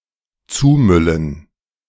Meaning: 1. to litter 2. to spam
- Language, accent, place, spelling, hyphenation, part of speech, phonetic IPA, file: German, Germany, Berlin, zumüllen, zu‧mül‧len, verb, [ˈt͡suːˌmʏlən], De-zumüllen.ogg